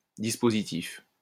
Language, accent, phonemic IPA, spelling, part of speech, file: French, France, /dis.po.zi.tif/, dispositif, noun, LL-Q150 (fra)-dispositif.wav
- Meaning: 1. arrangement, lay-out 2. measures, expedient, means to an end 3. device, machine, system 4. operation, plan 5. dispositif